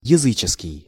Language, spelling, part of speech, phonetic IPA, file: Russian, языческий, adjective, [(j)ɪˈzɨt͡ɕɪskʲɪj], Ru-языческий.ogg
- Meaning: pagan, heathen